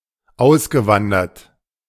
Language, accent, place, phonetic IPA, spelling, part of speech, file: German, Germany, Berlin, [ˈaʊ̯sɡəˌvandɐt], ausgewandert, verb, De-ausgewandert.ogg
- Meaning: past participle of auswandern